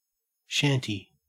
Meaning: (noun) 1. A roughly-built hut or cabin 2. A rudimentary or improvised dwelling, especially one not legally owned 3. An unlicensed pub; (adjective) Living in shanties; poor, ill-mannered and violent
- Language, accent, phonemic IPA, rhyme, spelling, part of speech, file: English, Australia, /ˈʃænti/, -ænti, shanty, noun / adjective / verb, En-au-shanty.ogg